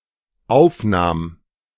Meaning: first/third-person singular dependent preterite of aufnehmen
- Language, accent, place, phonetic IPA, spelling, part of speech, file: German, Germany, Berlin, [ˈaʊ̯fˌnaːm], aufnahm, verb, De-aufnahm.ogg